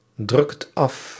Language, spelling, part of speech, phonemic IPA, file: Dutch, drukt af, verb, /ˌdrʏkt ˈɑf/, Nl-drukt af.ogg
- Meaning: inflection of afdrukken: 1. second/third-person singular present indicative 2. plural imperative